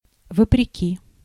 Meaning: in spite of, contrary to
- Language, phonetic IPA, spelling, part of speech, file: Russian, [vəprʲɪˈkʲi], вопреки, preposition, Ru-вопреки.ogg